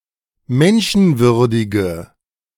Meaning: inflection of menschenwürdig: 1. strong/mixed nominative/accusative feminine singular 2. strong nominative/accusative plural 3. weak nominative all-gender singular
- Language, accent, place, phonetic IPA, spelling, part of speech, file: German, Germany, Berlin, [ˈmɛnʃn̩ˌvʏʁdɪɡə], menschenwürdige, adjective, De-menschenwürdige.ogg